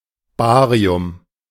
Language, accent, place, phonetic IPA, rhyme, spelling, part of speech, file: German, Germany, Berlin, [ˈbaːʁiʊm], -aːʁiʊm, Barium, noun, De-Barium.ogg
- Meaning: barium